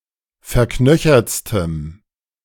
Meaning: strong dative masculine/neuter singular superlative degree of verknöchert
- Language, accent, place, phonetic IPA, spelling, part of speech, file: German, Germany, Berlin, [fɛɐ̯ˈknœçɐt͡stəm], verknöchertstem, adjective, De-verknöchertstem.ogg